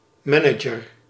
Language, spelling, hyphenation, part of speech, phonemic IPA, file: Dutch, manager, ma‧na‧ger, noun, /ˈmɛ.nə.dʒər/, Nl-manager.ogg
- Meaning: a manager, someone in management